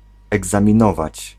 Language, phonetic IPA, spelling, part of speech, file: Polish, [ˌɛɡzãmʲĩˈnɔvat͡ɕ], egzaminować, verb, Pl-egzaminować.ogg